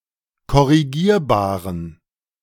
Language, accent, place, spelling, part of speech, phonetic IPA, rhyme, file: German, Germany, Berlin, korrigierbaren, adjective, [kɔʁiˈɡiːɐ̯baːʁən], -iːɐ̯baːʁən, De-korrigierbaren.ogg
- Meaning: inflection of korrigierbar: 1. strong genitive masculine/neuter singular 2. weak/mixed genitive/dative all-gender singular 3. strong/weak/mixed accusative masculine singular 4. strong dative plural